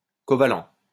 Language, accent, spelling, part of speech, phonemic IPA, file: French, France, covalent, adjective, /kɔ.va.lɑ̃/, LL-Q150 (fra)-covalent.wav
- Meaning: covalent